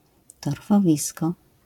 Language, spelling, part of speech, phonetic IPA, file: Polish, torfowisko, noun, [ˌtɔrfɔˈvʲiskɔ], LL-Q809 (pol)-torfowisko.wav